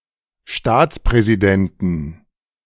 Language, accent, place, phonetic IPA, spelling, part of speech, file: German, Germany, Berlin, [ˈʃtaːt͡spʁɛziˌdɛntn̩], Staatspräsidenten, noun, De-Staatspräsidenten.ogg
- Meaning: 1. genitive singular of Staatspräsident 2. plural of Staatspräsident